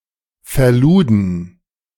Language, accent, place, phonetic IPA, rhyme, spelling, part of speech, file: German, Germany, Berlin, [fɛɐ̯ˈluːdn̩], -uːdn̩, verluden, verb, De-verluden.ogg
- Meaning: first/third-person plural preterite of verladen